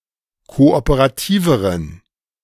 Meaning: inflection of kooperativ: 1. strong genitive masculine/neuter singular comparative degree 2. weak/mixed genitive/dative all-gender singular comparative degree
- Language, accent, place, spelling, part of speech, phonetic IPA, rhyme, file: German, Germany, Berlin, kooperativeren, adjective, [ˌkoʔopəʁaˈtiːvəʁən], -iːvəʁən, De-kooperativeren.ogg